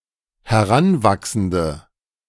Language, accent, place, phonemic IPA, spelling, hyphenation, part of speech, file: German, Germany, Berlin, /hɛˈʁanˌvaksn̩də/, Heranwachsende, He‧r‧an‧wach‧sen‧de, noun, De-Heranwachsende.ogg
- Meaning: 1. female equivalent of Heranwachsender: female adolescent 2. inflection of Heranwachsender: strong nominative/accusative plural 3. inflection of Heranwachsender: weak nominative singular